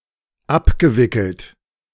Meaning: past participle of abwickeln
- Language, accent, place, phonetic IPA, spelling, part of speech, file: German, Germany, Berlin, [ˈapɡəˌvɪkl̩t], abgewickelt, verb, De-abgewickelt.ogg